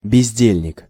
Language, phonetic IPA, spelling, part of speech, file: Russian, [bʲɪzʲˈdʲelʲnʲɪk], бездельник, noun, Ru-бездельник.ogg
- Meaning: idler, loafer, lazybones